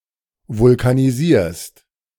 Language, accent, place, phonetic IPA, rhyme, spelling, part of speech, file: German, Germany, Berlin, [vʊlkaniˈziːɐ̯st], -iːɐ̯st, vulkanisierst, verb, De-vulkanisierst.ogg
- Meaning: second-person singular present of vulkanisieren